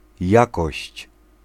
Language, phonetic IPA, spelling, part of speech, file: Polish, [ˈjakɔɕt͡ɕ], jakość, noun, Pl-jakość.ogg